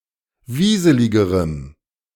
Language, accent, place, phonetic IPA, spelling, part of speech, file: German, Germany, Berlin, [ˈviːzəlɪɡəʁəm], wieseligerem, adjective, De-wieseligerem.ogg
- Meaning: strong dative masculine/neuter singular comparative degree of wieselig